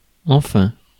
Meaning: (adverb) 1. finally; in the end 2. at last, finally 3. in fact; indeed 4. Introduces a contradiction, objection, limitation or correction of what has just been stated
- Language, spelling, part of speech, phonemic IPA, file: French, enfin, adverb / interjection, /ɑ̃.fɛ̃/, Fr-enfin.ogg